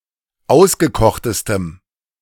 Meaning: strong dative masculine/neuter singular superlative degree of ausgekocht
- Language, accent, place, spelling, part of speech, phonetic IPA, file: German, Germany, Berlin, ausgekochtestem, adjective, [ˈaʊ̯sɡəˌkɔxtəstəm], De-ausgekochtestem.ogg